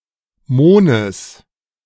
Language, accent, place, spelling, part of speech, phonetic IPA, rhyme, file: German, Germany, Berlin, Mohnes, noun, [ˈmoːnəs], -oːnəs, De-Mohnes.ogg
- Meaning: genitive singular of Mohn